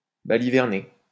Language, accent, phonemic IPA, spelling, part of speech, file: French, France, /ba.li.vɛʁ.ne/, baliverner, verb, LL-Q150 (fra)-baliverner.wav
- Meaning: 1. to talk nonsense 2. to mock